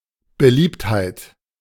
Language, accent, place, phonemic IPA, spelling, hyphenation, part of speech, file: German, Germany, Berlin, /bəˈliːpthaɪ̯t/, Beliebtheit, Be‧liebt‧heit, noun, De-Beliebtheit.ogg
- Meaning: popularity